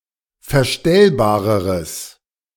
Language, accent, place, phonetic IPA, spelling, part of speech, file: German, Germany, Berlin, [fɛɐ̯ˈʃtɛlbaːʁəʁəs], verstellbareres, adjective, De-verstellbareres.ogg
- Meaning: strong/mixed nominative/accusative neuter singular comparative degree of verstellbar